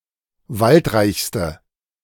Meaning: inflection of waldreich: 1. strong/mixed nominative/accusative feminine singular superlative degree 2. strong nominative/accusative plural superlative degree
- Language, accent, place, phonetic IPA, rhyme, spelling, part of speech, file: German, Germany, Berlin, [ˈvaltˌʁaɪ̯çstə], -altʁaɪ̯çstə, waldreichste, adjective, De-waldreichste.ogg